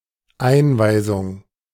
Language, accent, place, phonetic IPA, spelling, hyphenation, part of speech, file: German, Germany, Berlin, [ˈʔaɪ̯nvaɪ̯zʊŋ], Einweisung, Ein‧wei‧sung, noun, De-Einweisung.ogg
- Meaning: briefing, introduction